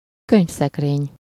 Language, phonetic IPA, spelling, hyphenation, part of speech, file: Hungarian, [ˈkøɲfsɛkreːɲ], könyvszekrény, könyv‧szek‧rény, noun, Hu-könyvszekrény.ogg
- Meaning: bookcase